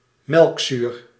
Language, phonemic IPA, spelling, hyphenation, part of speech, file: Dutch, /ˈmɛlᵊkˌsyr/, melkzuur, melk‧zuur, noun / adjective, Nl-melkzuur.ogg
- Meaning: lactic acid